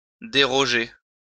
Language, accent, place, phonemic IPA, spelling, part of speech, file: French, France, Lyon, /de.ʁɔ.ʒe/, déroger, verb, LL-Q150 (fra)-déroger.wav
- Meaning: 1. to repeal (a law) 2. to break, contravene, infringe (a law), to break away (from a tradition)